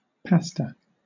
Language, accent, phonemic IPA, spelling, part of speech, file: English, Southern England, /ˈpæs.tə/, pasta, noun, LL-Q1860 (eng)-pasta.wav
- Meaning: Dough made from wheat and water and sometimes mixed with egg and formed into various shapes; often sold in dried form and typically boiled for eating